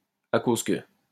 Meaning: because
- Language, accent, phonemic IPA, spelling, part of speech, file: French, France, /a koz kə/, à cause que, conjunction, LL-Q150 (fra)-à cause que.wav